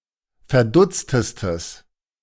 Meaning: strong/mixed nominative/accusative neuter singular superlative degree of verdutzt
- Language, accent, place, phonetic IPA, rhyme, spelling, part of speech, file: German, Germany, Berlin, [fɛɐ̯ˈdʊt͡stəstəs], -ʊt͡stəstəs, verdutztestes, adjective, De-verdutztestes.ogg